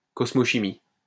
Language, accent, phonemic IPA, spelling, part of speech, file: French, France, /kɔs.mo.ʃi.mi/, cosmochimie, noun, LL-Q150 (fra)-cosmochimie.wav
- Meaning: cosmochemistry